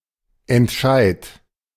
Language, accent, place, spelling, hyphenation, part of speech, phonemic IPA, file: German, Germany, Berlin, Entscheid, Ent‧scheid, noun, /ɛntˈʃaɪ̯t/, De-Entscheid.ogg
- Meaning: 1. alternative form of Entscheidung (“decision”) 2. short for Volksentscheid or Bürgerentscheid (“plebiscite, referendum”)